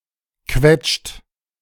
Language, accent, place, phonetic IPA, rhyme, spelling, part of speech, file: German, Germany, Berlin, [kvɛt͡ʃt], -ɛt͡ʃt, quetscht, verb, De-quetscht.ogg
- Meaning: inflection of quetschen: 1. third-person singular present 2. second-person plural present 3. plural imperative